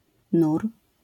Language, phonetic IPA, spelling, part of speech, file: Polish, [nur], nur, noun, LL-Q809 (pol)-nur.wav